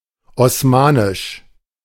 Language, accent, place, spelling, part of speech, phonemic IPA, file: German, Germany, Berlin, osmanisch, adjective, /ɔsˈmaːnɪʃ/, De-osmanisch.ogg
- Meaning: Ottoman